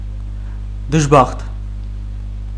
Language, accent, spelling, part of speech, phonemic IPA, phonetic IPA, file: Armenian, Eastern Armenian, դժբախտ, adjective / noun, /dəʒˈbɑχt/, [dəʒbɑ́χt], Hy-դժբախտ.ogg
- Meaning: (adjective) 1. unhappy, unfortunate, miserable, unlucky, luckless 2. evil, bad; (noun) unfortunate wretch, wretched person, poor thing, sufferer